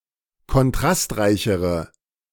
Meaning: inflection of kontrastreich: 1. strong/mixed nominative/accusative feminine singular comparative degree 2. strong nominative/accusative plural comparative degree
- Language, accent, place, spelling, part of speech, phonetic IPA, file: German, Germany, Berlin, kontrastreichere, adjective, [kɔnˈtʁastˌʁaɪ̯çəʁə], De-kontrastreichere.ogg